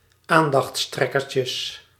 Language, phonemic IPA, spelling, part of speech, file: Dutch, /ˈandɑxˌtrɛkərcəs/, aandachttrekkertjes, noun, Nl-aandachttrekkertjes.ogg
- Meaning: plural of aandachttrekkertje